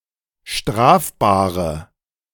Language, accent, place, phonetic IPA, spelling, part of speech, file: German, Germany, Berlin, [ˈʃtʁaːfbaːʁə], strafbare, adjective, De-strafbare.ogg
- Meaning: inflection of strafbar: 1. strong/mixed nominative/accusative feminine singular 2. strong nominative/accusative plural 3. weak nominative all-gender singular